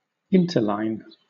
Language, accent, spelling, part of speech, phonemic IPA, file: English, Southern England, interline, adjective, /ˈɪntə(ɹ)ˌlaɪn/, LL-Q1860 (eng)-interline.wav
- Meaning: 1. Between lines 2. Between (or with) two airlines